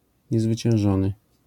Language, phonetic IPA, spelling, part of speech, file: Polish, [ˌɲɛzvɨt͡ɕɛ̃w̃ˈʒɔ̃nɨ], niezwyciężony, adjective, LL-Q809 (pol)-niezwyciężony.wav